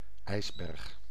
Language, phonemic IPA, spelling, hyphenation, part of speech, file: Dutch, /ˈɛi̯s.bɛrx/, ijsberg, ijs‧berg, noun, Nl-ijsberg.ogg
- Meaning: iceberg (mountain-size mass of floating ice)